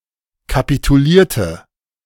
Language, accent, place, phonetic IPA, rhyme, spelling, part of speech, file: German, Germany, Berlin, [kapituˈliːɐ̯tə], -iːɐ̯tə, kapitulierte, verb, De-kapitulierte.ogg
- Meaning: inflection of kapitulieren: 1. first/third-person singular preterite 2. first/third-person singular subjunctive II